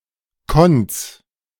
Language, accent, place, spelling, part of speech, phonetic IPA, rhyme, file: German, Germany, Berlin, Konz, proper noun, [kɔnt͡s], -ɔnt͡s, De-Konz.ogg
- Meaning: a municipality of Rhineland-Palatinate, Germany